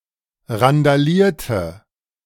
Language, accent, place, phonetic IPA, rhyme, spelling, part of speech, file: German, Germany, Berlin, [ʁandaˈliːɐ̯tə], -iːɐ̯tə, randalierte, verb, De-randalierte.ogg
- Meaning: inflection of randalieren: 1. first/third-person singular preterite 2. first/third-person singular subjunctive II